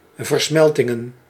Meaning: plural of versmelting
- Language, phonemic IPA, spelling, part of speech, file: Dutch, /vərˈsmɛltɪŋə(n)/, versmeltingen, noun, Nl-versmeltingen.ogg